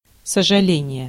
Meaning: 1. regret 2. pity
- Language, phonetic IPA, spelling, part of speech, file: Russian, [səʐɨˈlʲenʲɪje], сожаление, noun, Ru-сожаление.ogg